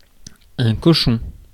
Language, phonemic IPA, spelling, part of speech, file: French, /kɔ.ʃɔ̃/, cochon, noun / adjective, Fr-cochon.ogg
- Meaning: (noun) 1. piglet 2. pig 3. dirty pig, swine, contemptible person; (adjective) dirty, smutty